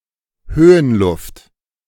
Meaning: mountain air, high-altitude air
- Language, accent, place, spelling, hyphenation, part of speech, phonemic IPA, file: German, Germany, Berlin, Höhenluft, Hö‧hen‧luft, noun, /ˈhøːənˌlʊft/, De-Höhenluft.ogg